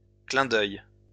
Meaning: 1. a wink 2. an instant, a blink of an eye 3. an allusion, as an artistic tool
- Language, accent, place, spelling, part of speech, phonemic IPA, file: French, France, Lyon, clin d'œil, noun, /klɛ̃ d‿œj/, LL-Q150 (fra)-clin d'œil.wav